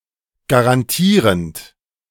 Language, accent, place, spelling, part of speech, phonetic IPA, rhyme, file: German, Germany, Berlin, garantierend, verb, [ɡaʁanˈtiːʁənt], -iːʁənt, De-garantierend.ogg
- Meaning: present participle of garantieren